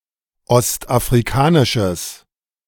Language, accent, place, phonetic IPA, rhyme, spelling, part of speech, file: German, Germany, Berlin, [ˌɔstʔafʁiˈkaːnɪʃəs], -aːnɪʃəs, ostafrikanisches, adjective, De-ostafrikanisches.ogg
- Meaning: strong/mixed nominative/accusative neuter singular of ostafrikanisch